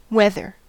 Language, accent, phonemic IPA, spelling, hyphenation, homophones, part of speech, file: English, General American, /ˈwɛðɚ/, weather, wea‧ther, wether, noun / adjective / verb, En-us-weather.ogg
- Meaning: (noun) The short-term state of the atmosphere at a specific time and place, including the temperature, relative humidity, cloud cover, precipitation, wind, etc